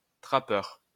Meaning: trapper (especially for fur)
- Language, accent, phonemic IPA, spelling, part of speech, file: French, France, /tʁa.pœʁ/, trappeur, noun, LL-Q150 (fra)-trappeur.wav